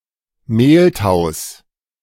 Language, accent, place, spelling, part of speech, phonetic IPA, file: German, Germany, Berlin, Mehltaus, noun, [ˈmeːltaʊ̯s], De-Mehltaus.ogg
- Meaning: genitive singular of Mehltau